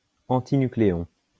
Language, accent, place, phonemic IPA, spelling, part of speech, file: French, France, Lyon, /ɑ̃.ti.ny.kle.ɔ̃/, antinucléon, noun, LL-Q150 (fra)-antinucléon.wav
- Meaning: antinucleon